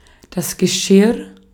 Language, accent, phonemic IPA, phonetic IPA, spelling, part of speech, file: German, Austria, /ɡəˈʃɪʁ/, [ɡɛˈʃɪɐ̯], Geschirr, noun, De-at-Geschirr.ogg
- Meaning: 1. dishware 2. vessel, container 3. harness